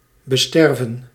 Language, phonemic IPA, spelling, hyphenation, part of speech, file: Dutch, /bəˈstɛrvə(n)/, besterven, be‧ster‧ven, verb, Nl-besterven.ogg
- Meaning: 1. to start to decompose after death 2. to disappear as if dying